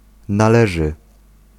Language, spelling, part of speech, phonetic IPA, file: Polish, należy, verb, [naˈlɛʒɨ], Pl-należy.ogg